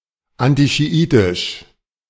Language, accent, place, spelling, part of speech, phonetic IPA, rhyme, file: German, Germany, Berlin, antischiitisch, adjective, [ˌantiʃiˈʔiːtɪʃ], -iːtɪʃ, De-antischiitisch.ogg
- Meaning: anti-Shiite